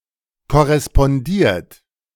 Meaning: 1. past participle of korrespondieren 2. inflection of korrespondieren: third-person singular present 3. inflection of korrespondieren: second-person plural present
- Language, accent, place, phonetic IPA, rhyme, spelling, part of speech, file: German, Germany, Berlin, [kɔʁɛspɔnˈdiːɐ̯t], -iːɐ̯t, korrespondiert, verb, De-korrespondiert.ogg